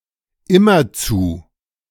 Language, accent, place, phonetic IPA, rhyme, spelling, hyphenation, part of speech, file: German, Germany, Berlin, [ˈɪmɐt͡su], -uː, immerzu, im‧mer‧zu, adverb, De-immerzu.ogg
- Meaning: incessantly